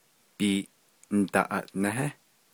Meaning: 1. gym, gymnasium 2. stadium
- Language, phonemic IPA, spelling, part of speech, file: Navajo, /pìːʔǹ̩tɑ̀ʔɑ̀ʔnɛ́hɛ́/, biiʼndaʼaʼnéhé, noun, Nv-biiʼndaʼaʼnéhé.ogg